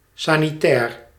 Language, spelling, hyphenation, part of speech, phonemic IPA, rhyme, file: Dutch, sanitair, sa‧ni‧tair, adjective / noun, /ˌsaː.niˈtɛːr/, -ɛːr, Nl-sanitair.ogg
- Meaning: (adjective) sanitary; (noun) bathroom facilities, kitchen facilities, e.g. a sink or other equipment relating to hygiene